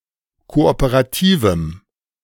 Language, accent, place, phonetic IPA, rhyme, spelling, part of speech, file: German, Germany, Berlin, [ˌkoʔopəʁaˈtiːvm̩], -iːvm̩, kooperativem, adjective, De-kooperativem.ogg
- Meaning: strong dative masculine/neuter singular of kooperativ